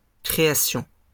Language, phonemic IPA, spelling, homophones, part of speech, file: French, /kʁe.a.sjɔ̃/, création, créassions, noun, LL-Q150 (fra)-création.wav
- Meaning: creation